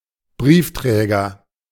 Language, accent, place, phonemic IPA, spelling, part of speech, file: German, Germany, Berlin, /ˈbʁiːfˌtʁɛːɡɐ/, Briefträger, noun, De-Briefträger.ogg
- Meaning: mailman, postman